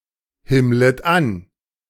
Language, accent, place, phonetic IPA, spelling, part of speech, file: German, Germany, Berlin, [ˌhɪmlət ˈan], himmlet an, verb, De-himmlet an.ogg
- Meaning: second-person plural subjunctive I of anhimmeln